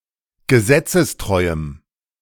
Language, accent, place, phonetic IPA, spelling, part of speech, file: German, Germany, Berlin, [ɡəˈzɛt͡səsˌtʁɔɪ̯əm], gesetzestreuem, adjective, De-gesetzestreuem.ogg
- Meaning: strong dative masculine/neuter singular of gesetzestreu